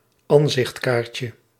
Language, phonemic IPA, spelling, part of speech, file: Dutch, /ˈɑnzɪx(t)ˌkarcə/, ansichtkaartje, noun, Nl-ansichtkaartje.ogg
- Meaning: diminutive of ansichtkaart